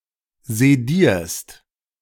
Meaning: second-person singular present of sedieren
- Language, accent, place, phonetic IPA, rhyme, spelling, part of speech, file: German, Germany, Berlin, [zeˈdiːɐ̯st], -iːɐ̯st, sedierst, verb, De-sedierst.ogg